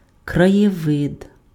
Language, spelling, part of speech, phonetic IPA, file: Ukrainian, краєвид, noun, [krɐjeˈʋɪd], Uk-краєвид.ogg
- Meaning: landscape; scenery